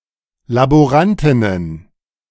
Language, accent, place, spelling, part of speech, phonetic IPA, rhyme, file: German, Germany, Berlin, Laborantinnen, noun, [laboˈʁantɪnən], -antɪnən, De-Laborantinnen.ogg
- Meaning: plural of Laborantin